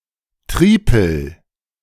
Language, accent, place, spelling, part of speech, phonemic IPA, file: German, Germany, Berlin, Tripel, noun, /ˈtʁiːpl̩/, De-Tripel.ogg
- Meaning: triple (mathematics - a kind of three)